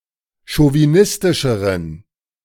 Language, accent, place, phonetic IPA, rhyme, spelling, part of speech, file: German, Germany, Berlin, [ʃoviˈnɪstɪʃəʁən], -ɪstɪʃəʁən, chauvinistischeren, adjective, De-chauvinistischeren.ogg
- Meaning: inflection of chauvinistisch: 1. strong genitive masculine/neuter singular comparative degree 2. weak/mixed genitive/dative all-gender singular comparative degree